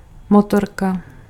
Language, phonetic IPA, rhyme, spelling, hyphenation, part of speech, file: Czech, [ˈmotorka], -orka, motorka, mo‧tor‧ka, noun, Cs-motorka.ogg
- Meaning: bike, motorbike